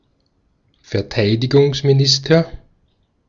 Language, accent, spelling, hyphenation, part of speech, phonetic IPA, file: German, Austria, Verteidigungsminister, Ver‧tei‧di‧gungs‧mi‧nis‧ter, noun, [fɛɐ̯ˈtaɪ̯dɪɡʊŋsmiˌnɪstɐ], De-at-Verteidigungsminister.ogg
- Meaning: minister of defence